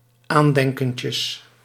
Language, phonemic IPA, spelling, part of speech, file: Dutch, /ˈandɛŋkəncəs/, aandenkentjes, noun, Nl-aandenkentjes.ogg
- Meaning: plural of aandenkentje